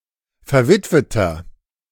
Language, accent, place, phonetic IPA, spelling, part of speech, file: German, Germany, Berlin, [fɛɐ̯ˈvɪtvətɐ], verwitweter, adjective, De-verwitweter.ogg
- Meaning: inflection of verwitwet: 1. strong/mixed nominative masculine singular 2. strong genitive/dative feminine singular 3. strong genitive plural